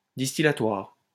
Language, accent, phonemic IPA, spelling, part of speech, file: French, France, /dis.ti.la.twaʁ/, distillatoire, adjective, LL-Q150 (fra)-distillatoire.wav
- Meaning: distillation